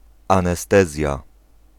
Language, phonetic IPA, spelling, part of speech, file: Polish, [ˌãnɛˈstɛzʲja], anestezja, noun, Pl-anestezja.ogg